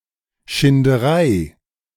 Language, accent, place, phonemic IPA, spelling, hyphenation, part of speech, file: German, Germany, Berlin, /ʃɪndəˈʁaɪ̯/, Schinderei, Schin‧de‧rei, noun, De-Schinderei.ogg
- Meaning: 1. oppression 2. slog, drudgery